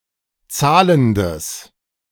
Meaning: strong/mixed nominative/accusative neuter singular of zahlend
- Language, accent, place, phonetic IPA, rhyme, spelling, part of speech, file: German, Germany, Berlin, [ˈt͡saːləndəs], -aːləndəs, zahlendes, adjective, De-zahlendes.ogg